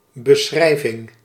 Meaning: description
- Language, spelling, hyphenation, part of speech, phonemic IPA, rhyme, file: Dutch, beschrijving, be‧schrij‧ving, noun, /bəˈsxrɛi̯.vɪŋ/, -ɛi̯vɪŋ, Nl-beschrijving.ogg